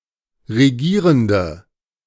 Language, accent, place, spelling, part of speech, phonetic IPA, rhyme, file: German, Germany, Berlin, regierende, adjective, [ʁeˈɡiːʁəndə], -iːʁəndə, De-regierende.ogg
- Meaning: inflection of regierend: 1. strong/mixed nominative/accusative feminine singular 2. strong nominative/accusative plural 3. weak nominative all-gender singular